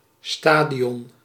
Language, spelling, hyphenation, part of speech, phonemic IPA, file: Dutch, stadion, sta‧di‧on, noun, /ˈstaː.di.ɔn/, Nl-stadion.ogg
- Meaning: stadium, arena